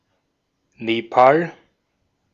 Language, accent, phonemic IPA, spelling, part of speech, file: German, Austria, /ˈneːpa(ː)l/, Nepal, proper noun, De-at-Nepal.ogg
- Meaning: Nepal (a country in South Asia, located between China and India)